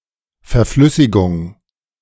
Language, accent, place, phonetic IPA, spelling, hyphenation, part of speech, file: German, Germany, Berlin, [fɛɐ̯ˈflʏsɪɡʊŋ], Verflüssigung, Ver‧flüs‧si‧gung, noun, De-Verflüssigung.ogg
- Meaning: liquefaction